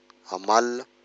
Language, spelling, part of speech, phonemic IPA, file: Malagasy, amalona, noun, /amalunḁ/, Mg-amalona.ogg
- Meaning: eel